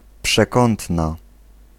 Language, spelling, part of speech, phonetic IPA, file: Polish, przekątna, noun, [pʃɛˈkɔ̃ntna], Pl-przekątna.ogg